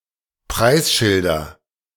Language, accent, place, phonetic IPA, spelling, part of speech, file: German, Germany, Berlin, [ˈpʁaɪ̯sˌʃɪldɐ], Preisschilder, noun, De-Preisschilder.ogg
- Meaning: nominative/accusative/genitive plural of Preisschild